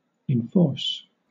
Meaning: 1. To keep up, impose or bring into effect something, not necessarily by force 2. To apply a rule or enforcement action to a person or user account
- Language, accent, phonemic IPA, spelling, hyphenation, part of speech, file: English, Southern England, /ɪnˈfɔːs/, enforce, en‧force, verb, LL-Q1860 (eng)-enforce.wav